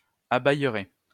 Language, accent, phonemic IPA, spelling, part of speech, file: French, France, /a.bɛj.ʁɛ/, abayerait, verb, LL-Q150 (fra)-abayerait.wav
- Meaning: third-person singular conditional of abayer